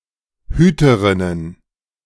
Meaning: plural of Hüterin
- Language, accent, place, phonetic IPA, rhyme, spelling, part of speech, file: German, Germany, Berlin, [ˈhyːtəʁɪnən], -yːtəʁɪnən, Hüterinnen, noun, De-Hüterinnen.ogg